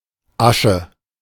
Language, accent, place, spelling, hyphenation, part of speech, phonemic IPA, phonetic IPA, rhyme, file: German, Germany, Berlin, Asche, Asche, noun, /ˈaʃə/, [ˈʔä.ʃə], -aʃə, De-Asche.ogg
- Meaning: 1. ash; ashes 2. money